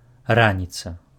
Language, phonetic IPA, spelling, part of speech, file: Belarusian, [ˈranʲit͡sa], раніца, noun, Be-раніца.ogg
- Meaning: morning